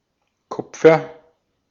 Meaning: copper (chemical element, Cu, atomical number 29)
- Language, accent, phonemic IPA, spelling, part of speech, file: German, Austria, /ˈkʊp͡fɐ/, Kupfer, noun, De-at-Kupfer.ogg